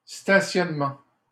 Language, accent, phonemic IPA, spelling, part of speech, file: French, Canada, /sta.sjɔn.mɑ̃/, stationnement, noun, LL-Q150 (fra)-stationnement.wav
- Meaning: 1. parking (only in the sense of "act/process of parking") 2. parking space 3. car park, parking lot